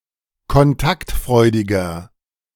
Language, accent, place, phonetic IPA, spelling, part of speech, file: German, Germany, Berlin, [kɔnˈtaktˌfʁɔɪ̯dɪɡɐ], kontaktfreudiger, adjective, De-kontaktfreudiger.ogg
- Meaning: 1. comparative degree of kontaktfreudig 2. inflection of kontaktfreudig: strong/mixed nominative masculine singular 3. inflection of kontaktfreudig: strong genitive/dative feminine singular